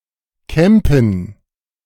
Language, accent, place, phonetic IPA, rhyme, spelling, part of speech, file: German, Germany, Berlin, [ˈkɛmpn̩], -ɛmpn̩, Kämpen, noun, De-Kämpen.ogg
- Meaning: 1. form of Kämpe 2. dative plural of Kamp